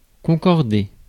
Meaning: 1. to match, tally 2. to concur
- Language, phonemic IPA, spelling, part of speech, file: French, /kɔ̃.kɔʁ.de/, concorder, verb, Fr-concorder.ogg